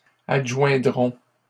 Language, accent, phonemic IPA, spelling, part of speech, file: French, Canada, /ad.ʒwɛ̃.dʁɔ̃/, adjoindront, verb, LL-Q150 (fra)-adjoindront.wav
- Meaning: third-person plural simple future of adjoindre